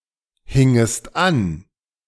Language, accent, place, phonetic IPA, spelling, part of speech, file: German, Germany, Berlin, [ˌhɪŋəst ˈan], hingest an, verb, De-hingest an.ogg
- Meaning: second-person singular subjunctive I of anhängen